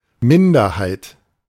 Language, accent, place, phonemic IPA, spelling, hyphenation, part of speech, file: German, Germany, Berlin, /ˈmɪndɐhaɪ̯t/, Minderheit, Min‧der‧heit, noun, De-Minderheit.ogg
- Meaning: minority